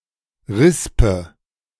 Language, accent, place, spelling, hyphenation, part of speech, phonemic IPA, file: German, Germany, Berlin, Rispe, Ris‧pe, noun, /ˈʁɪspə/, De-Rispe.ogg
- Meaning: panicle